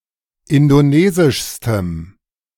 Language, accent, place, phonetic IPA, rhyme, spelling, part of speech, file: German, Germany, Berlin, [ˌɪndoˈneːzɪʃstəm], -eːzɪʃstəm, indonesischstem, adjective, De-indonesischstem.ogg
- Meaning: strong dative masculine/neuter singular superlative degree of indonesisch